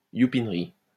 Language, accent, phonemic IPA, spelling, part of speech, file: French, France, /ju.pin.ʁi/, youpinerie, noun, LL-Q150 (fra)-youpinerie.wav
- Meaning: a place where Jews live